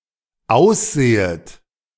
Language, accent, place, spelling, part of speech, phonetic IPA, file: German, Germany, Berlin, aussehet, verb, [ˈaʊ̯sˌz̥eːət], De-aussehet.ogg
- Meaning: second-person plural dependent subjunctive I of aussehen